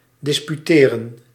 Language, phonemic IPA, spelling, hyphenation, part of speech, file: Dutch, /ˌdɪspyˈteːrə(n)/, disputeren, dis‧pu‧te‧ren, verb, Nl-disputeren.ogg
- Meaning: to dispute